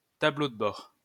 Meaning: dashboard; control panel
- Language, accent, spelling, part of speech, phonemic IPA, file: French, France, tableau de bord, noun, /ta.blo d(ə) bɔʁ/, LL-Q150 (fra)-tableau de bord.wav